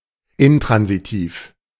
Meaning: intransitive (not taking a direct object)
- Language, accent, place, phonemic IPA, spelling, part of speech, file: German, Germany, Berlin, /ɪnˈtʁanziˌtiːf/, intransitiv, adjective, De-intransitiv.ogg